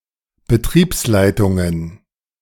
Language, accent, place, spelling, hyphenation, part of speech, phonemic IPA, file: German, Germany, Berlin, Betriebsleitungen, Be‧triebs‧lei‧tun‧gen, noun, /bəˈtʁiːpsˌlaɪ̯tʊŋən/, De-Betriebsleitungen.ogg
- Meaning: plural of Betriebsleitung